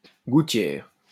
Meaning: 1. gutter, eavestrough 2. drainpipe 3. mouthguard 4. splint (to immobilise a body part) 5. fuller (groove in a blade)
- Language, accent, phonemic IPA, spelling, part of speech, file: French, France, /ɡu.tjɛʁ/, gouttière, noun, LL-Q150 (fra)-gouttière.wav